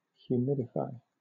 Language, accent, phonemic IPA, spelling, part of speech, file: English, Southern England, /hjuːˈmɪdɪfaɪ/, humidify, verb, LL-Q1860 (eng)-humidify.wav
- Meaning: To increase the humidity in the air